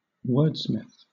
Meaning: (noun) One who uses words skilfully; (verb) To skilfully compose or craft (something written)
- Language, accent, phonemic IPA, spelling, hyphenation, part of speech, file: English, Southern England, /ˈwɜːdsmɪθ/, wordsmith, word‧smith, noun / verb, LL-Q1860 (eng)-wordsmith.wav